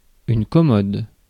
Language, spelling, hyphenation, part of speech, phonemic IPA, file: French, commode, com‧mode, adjective / noun, /kɔ.mɔd/, Fr-commode.ogg
- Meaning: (adjective) 1. convenient 2. expedient; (noun) 1. chest of drawers, commode, dresser 2. toilet